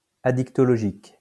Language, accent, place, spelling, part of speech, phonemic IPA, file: French, France, Lyon, addictologique, adjective, /a.dik.tɔ.lɔ.ʒik/, LL-Q150 (fra)-addictologique.wav
- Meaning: addictological